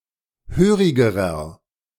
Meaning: inflection of hörig: 1. strong/mixed nominative masculine singular comparative degree 2. strong genitive/dative feminine singular comparative degree 3. strong genitive plural comparative degree
- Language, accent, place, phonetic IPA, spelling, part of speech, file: German, Germany, Berlin, [ˈhøːʁɪɡəʁɐ], hörigerer, adjective, De-hörigerer.ogg